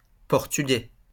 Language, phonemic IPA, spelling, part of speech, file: French, /pɔʁ.ty.ɡɛ/, Portugais, noun, LL-Q150 (fra)-Portugais.wav
- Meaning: a native of Portugal; a Portuguese